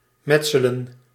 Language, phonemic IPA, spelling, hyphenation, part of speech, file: Dutch, /ˈmɛtsələ(n)/, metselen, met‧se‧len, verb, Nl-metselen.ogg
- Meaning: 1. to lay bricks 2. to build